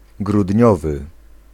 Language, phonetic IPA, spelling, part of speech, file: Polish, [ɡrudʲˈɲɔvɨ], grudniowy, adjective, Pl-grudniowy.ogg